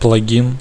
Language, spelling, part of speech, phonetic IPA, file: Russian, плагин, noun, [pɫɐˈɡʲin], Ru-плагин.ogg
- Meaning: plug-in